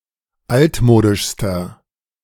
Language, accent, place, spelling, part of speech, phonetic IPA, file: German, Germany, Berlin, altmodischster, adjective, [ˈaltˌmoːdɪʃstɐ], De-altmodischster.ogg
- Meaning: inflection of altmodisch: 1. strong/mixed nominative masculine singular superlative degree 2. strong genitive/dative feminine singular superlative degree 3. strong genitive plural superlative degree